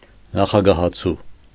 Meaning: presidential candidate
- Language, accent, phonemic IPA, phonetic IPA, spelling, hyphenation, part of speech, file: Armenian, Eastern Armenian, /nɑχɑɡɑhɑˈt͡sʰu/, [nɑχɑɡɑhɑt͡sʰú], նախագահացու, նա‧խա‧գա‧հա‧ցու, noun, Hy-նախագահացու.ogg